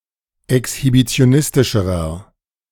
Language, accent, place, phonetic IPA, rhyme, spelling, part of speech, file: German, Germany, Berlin, [ɛkshibit͡si̯oˈnɪstɪʃəʁɐ], -ɪstɪʃəʁɐ, exhibitionistischerer, adjective, De-exhibitionistischerer.ogg
- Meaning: inflection of exhibitionistisch: 1. strong/mixed nominative masculine singular comparative degree 2. strong genitive/dative feminine singular comparative degree